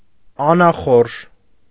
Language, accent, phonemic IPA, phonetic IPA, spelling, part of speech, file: Armenian, Eastern Armenian, /ɑnɑˈχoɾʒ/, [ɑnɑχóɾʒ], անախորժ, adjective, Hy-անախորժ.ogg
- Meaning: unpleasant, disagreeable